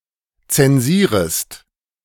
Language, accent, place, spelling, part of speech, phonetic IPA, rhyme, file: German, Germany, Berlin, zensierest, verb, [ˌt͡sɛnˈziːʁəst], -iːʁəst, De-zensierest.ogg
- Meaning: second-person singular subjunctive I of zensieren